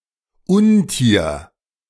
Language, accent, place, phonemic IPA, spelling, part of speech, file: German, Germany, Berlin, /ˈʊnˌtiːɐ̯/, Untier, noun, De-Untier.ogg
- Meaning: beast (wild, aggressive animal, which can be legendary)